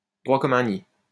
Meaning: 1. bolt upright, ramrod straight, straight as a ramrod, straight as an arrow 2. self-assured, sure of oneself
- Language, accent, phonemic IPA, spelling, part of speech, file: French, France, /dʁwa kɔm œ̃ i/, droit comme un i, adjective, LL-Q150 (fra)-droit comme un i.wav